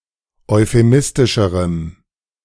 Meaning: strong dative masculine/neuter singular comparative degree of euphemistisch
- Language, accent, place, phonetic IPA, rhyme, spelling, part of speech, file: German, Germany, Berlin, [ɔɪ̯feˈmɪstɪʃəʁəm], -ɪstɪʃəʁəm, euphemistischerem, adjective, De-euphemistischerem.ogg